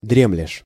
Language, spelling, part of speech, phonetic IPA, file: Russian, дремлешь, verb, [ˈdrʲemlʲɪʂ], Ru-дремлешь.ogg
- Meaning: second-person singular present indicative imperfective of дрема́ть (dremátʹ)